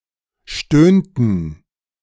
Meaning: inflection of stöhnen: 1. first/third-person plural preterite 2. first/third-person plural subjunctive II
- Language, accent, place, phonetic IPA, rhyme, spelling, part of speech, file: German, Germany, Berlin, [ˈʃtøːntn̩], -øːntn̩, stöhnten, verb, De-stöhnten.ogg